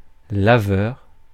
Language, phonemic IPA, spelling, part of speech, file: French, /la.vœʁ/, laveur, noun, Fr-laveur.ogg
- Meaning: cleaner (person who cleans)